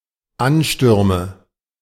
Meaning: nominative/accusative/genitive plural of Ansturm
- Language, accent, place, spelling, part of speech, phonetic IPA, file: German, Germany, Berlin, Anstürme, noun, [ˈanˌʃtʏʁmə], De-Anstürme.ogg